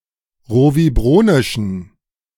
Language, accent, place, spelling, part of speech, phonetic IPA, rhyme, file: German, Germany, Berlin, rovibronischen, adjective, [ˌʁoviˈbʁoːnɪʃn̩], -oːnɪʃn̩, De-rovibronischen.ogg
- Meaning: inflection of rovibronisch: 1. strong genitive masculine/neuter singular 2. weak/mixed genitive/dative all-gender singular 3. strong/weak/mixed accusative masculine singular 4. strong dative plural